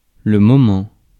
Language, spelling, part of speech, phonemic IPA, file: French, moment, noun, /mɔ.mɑ̃/, Fr-moment.ogg
- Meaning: 1. moment (point in time) 2. moment (short period of time) 3. a while 4. moment, momentum